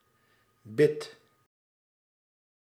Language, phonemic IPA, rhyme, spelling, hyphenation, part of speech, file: Dutch, /bɪt/, -ɪt, bit, bit, noun, Nl-bit.ogg
- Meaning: 1. bit (for a working animal) 2. bit (rotary cutting tool) 3. mouthguard 4. bit (binary digit) 5. bit (unit of storage) 6. bit (datum with two possible values)